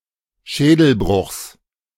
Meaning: genitive singular of Schädelbruch
- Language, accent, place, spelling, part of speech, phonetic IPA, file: German, Germany, Berlin, Schädelbruchs, noun, [ˈʃɛːdl̩ˌbʁʊxs], De-Schädelbruchs.ogg